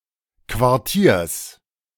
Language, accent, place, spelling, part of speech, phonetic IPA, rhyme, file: German, Germany, Berlin, Quartiers, noun, [kvaʁˈtiːɐ̯s], -iːɐ̯s, De-Quartiers.ogg
- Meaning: genitive singular of Quartier